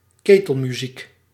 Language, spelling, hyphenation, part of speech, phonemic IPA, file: Dutch, ketelmuziek, ke‧tel‧mu‧ziek, noun, /ˈkeː.təl.myˌzik/, Nl-ketelmuziek.ogg
- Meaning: 1. a charivari, cacophonous noise, mock serenade 2. any loud, annoying noise